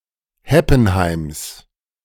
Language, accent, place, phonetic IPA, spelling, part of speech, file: German, Germany, Berlin, [ˈhɛpn̩ˌhaɪ̯ms], Heppenheims, noun, De-Heppenheims.ogg
- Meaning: genitive of Heppenheim